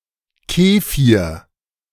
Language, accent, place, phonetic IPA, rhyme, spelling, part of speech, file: German, Germany, Berlin, [ˈkeːfiːɐ̯], -eːfiːɐ̯, Kefir, noun, De-Kefir.ogg
- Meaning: kefir